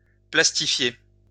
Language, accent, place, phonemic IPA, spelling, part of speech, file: French, France, Lyon, /plas.ti.fje/, plastifier, verb, LL-Q150 (fra)-plastifier.wav
- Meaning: to laminate